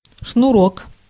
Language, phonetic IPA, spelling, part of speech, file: Russian, [ʂnʊˈrok], шнурок, noun, Ru-шнурок.ogg
- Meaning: 1. thin cord 2. lace (cord for fastening a shoe or garment)